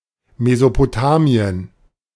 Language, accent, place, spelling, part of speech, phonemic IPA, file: German, Germany, Berlin, Mesopotamien, proper noun, /mezopoˈtaːmi̯ən/, De-Mesopotamien.ogg